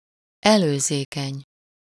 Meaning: courteous, attentive, polite, considerate
- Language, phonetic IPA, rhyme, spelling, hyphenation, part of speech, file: Hungarian, [ˈɛløːzeːkɛɲ], -ɛɲ, előzékeny, elő‧zé‧keny, adjective, Hu-előzékeny.ogg